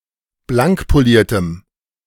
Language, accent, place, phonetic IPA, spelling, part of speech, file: German, Germany, Berlin, [ˈblaŋkpoˌliːɐ̯təm], blankpoliertem, adjective, De-blankpoliertem.ogg
- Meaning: strong dative masculine/neuter singular of blankpoliert